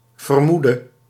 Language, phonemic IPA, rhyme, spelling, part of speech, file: Dutch, /vərˈmudə/, -udə, vermoede, verb, Nl-vermoede.ogg
- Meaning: singular present subjunctive of vermoeden